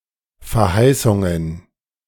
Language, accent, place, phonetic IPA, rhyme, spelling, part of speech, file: German, Germany, Berlin, [fɛɐ̯ˈhaɪ̯sʊŋən], -aɪ̯sʊŋən, Verheißungen, noun, De-Verheißungen.ogg
- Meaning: plural of Verheißung